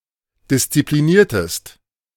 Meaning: inflection of disziplinieren: 1. second-person singular preterite 2. second-person singular subjunctive II
- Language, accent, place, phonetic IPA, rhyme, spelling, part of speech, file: German, Germany, Berlin, [dɪst͡sipliˈniːɐ̯təst], -iːɐ̯təst, diszipliniertest, verb, De-diszipliniertest.ogg